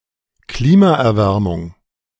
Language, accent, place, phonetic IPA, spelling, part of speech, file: German, Germany, Berlin, [ˈkliːmaʔɛɐ̯ˌvɛʁmʊŋ], Klimaerwärmung, noun, De-Klimaerwärmung.ogg
- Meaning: climate warming